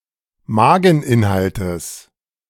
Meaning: genitive singular of Mageninhalt
- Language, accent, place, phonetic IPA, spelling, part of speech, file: German, Germany, Berlin, [ˈmaːɡŋ̍ˌʔɪnhaltəs], Mageninhaltes, noun, De-Mageninhaltes.ogg